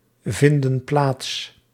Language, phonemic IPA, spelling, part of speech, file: Dutch, /ˈvɪndə(n) ˈplats/, vinden plaats, verb, Nl-vinden plaats.ogg
- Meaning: inflection of plaatsvinden: 1. plural present indicative 2. plural present subjunctive